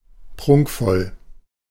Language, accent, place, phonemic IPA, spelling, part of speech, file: German, Germany, Berlin, /ˈpʁʊŋkfɔl/, prunkvoll, adjective, De-prunkvoll.ogg
- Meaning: magnificent, sumptuous